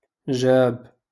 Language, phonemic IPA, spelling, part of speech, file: Moroccan Arabic, /ʒaːb/, جاب, verb, LL-Q56426 (ary)-جاب.wav
- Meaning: 1. to bring 2. to make one think